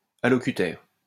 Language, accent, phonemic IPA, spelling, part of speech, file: French, France, /a.lɔ.ky.tɛʁ/, allocutaire, noun, LL-Q150 (fra)-allocutaire.wav
- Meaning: addressee (person to whom something is addressed)